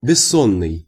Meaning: sleepless, wakeful
- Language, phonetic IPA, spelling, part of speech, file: Russian, [bʲɪˈsːonːɨj], бессонный, adjective, Ru-бессонный.ogg